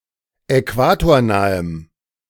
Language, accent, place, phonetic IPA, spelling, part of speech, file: German, Germany, Berlin, [ɛˈkvaːtoːɐ̯ˌnaːəm], äquatornahem, adjective, De-äquatornahem.ogg
- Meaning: strong dative masculine/neuter singular of äquatornah